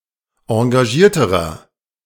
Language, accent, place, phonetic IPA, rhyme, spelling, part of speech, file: German, Germany, Berlin, [ɑ̃ɡaˈʒiːɐ̯təʁɐ], -iːɐ̯təʁɐ, engagierterer, adjective, De-engagierterer.ogg
- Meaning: inflection of engagiert: 1. strong/mixed nominative masculine singular comparative degree 2. strong genitive/dative feminine singular comparative degree 3. strong genitive plural comparative degree